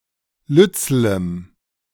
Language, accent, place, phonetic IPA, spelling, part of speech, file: German, Germany, Berlin, [ˈlʏt͡sl̩əm], lützelem, adjective, De-lützelem.ogg
- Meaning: strong dative masculine/neuter singular of lützel